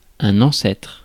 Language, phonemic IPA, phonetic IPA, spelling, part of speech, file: French, /ɑ̃.sɛtʁ/, [ɑ̃sae̯tʁ̥], ancêtre, noun, Fr-ancêtre.ogg
- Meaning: 1. ancestor, forebear, forefather 2. precursor, forerunner 3. old geezer, old fart